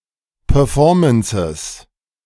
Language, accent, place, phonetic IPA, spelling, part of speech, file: German, Germany, Berlin, [pœːɐ̯ˈfɔːɐ̯mənsɪs], Performances, noun, De-Performances.ogg
- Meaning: plural of Performance